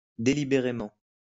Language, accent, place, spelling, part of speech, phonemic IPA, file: French, France, Lyon, délibérément, adverb, /de.li.be.ʁe.mɑ̃/, LL-Q150 (fra)-délibérément.wav
- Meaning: deliberately (in a well-planned way)